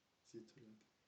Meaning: a beer connoisseur
- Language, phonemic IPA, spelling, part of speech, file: French, /zi.tɔ.lɔɡ/, zythologue, noun, FR-zythologue.ogg